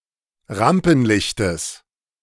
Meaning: genitive singular of Rampenlicht
- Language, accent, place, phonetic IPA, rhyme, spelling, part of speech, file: German, Germany, Berlin, [ˈʁampn̩ˌlɪçtəs], -ampn̩lɪçtəs, Rampenlichtes, noun, De-Rampenlichtes.ogg